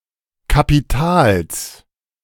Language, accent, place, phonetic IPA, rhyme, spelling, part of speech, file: German, Germany, Berlin, [kapiˈtaːls], -aːls, Kapitals, noun, De-Kapitals.ogg
- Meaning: genitive singular of Kapital